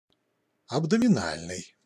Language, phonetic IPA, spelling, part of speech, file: Russian, [ɐbdəmʲɪˈnalʲnɨj], абдоминальный, adjective, Ru-абдоминальный.ogg
- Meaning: abdominal